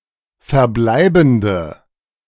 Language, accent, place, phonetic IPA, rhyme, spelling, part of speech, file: German, Germany, Berlin, [fɛɐ̯ˈblaɪ̯bn̩də], -aɪ̯bn̩də, verbleibende, adjective, De-verbleibende.ogg
- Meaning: inflection of verbleibend: 1. strong/mixed nominative/accusative feminine singular 2. strong nominative/accusative plural 3. weak nominative all-gender singular